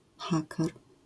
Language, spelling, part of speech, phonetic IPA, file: Polish, haker, noun, [ˈxakɛr], LL-Q809 (pol)-haker.wav